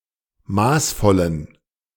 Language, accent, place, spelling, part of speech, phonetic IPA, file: German, Germany, Berlin, maßvollen, adjective, [ˈmaːsˌfɔlən], De-maßvollen.ogg
- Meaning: inflection of maßvoll: 1. strong genitive masculine/neuter singular 2. weak/mixed genitive/dative all-gender singular 3. strong/weak/mixed accusative masculine singular 4. strong dative plural